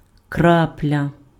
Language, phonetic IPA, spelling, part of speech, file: Ukrainian, [ˈkraplʲɐ], крапля, noun, Uk-крапля.ogg
- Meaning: 1. drop (a small mass of liquid) 2. drop (a very small quantity of anything)